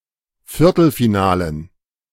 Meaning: dative plural of Viertelfinale
- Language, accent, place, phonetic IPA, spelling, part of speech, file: German, Germany, Berlin, [ˈfɪʁtl̩fiˌnaːlən], Viertelfinalen, noun, De-Viertelfinalen.ogg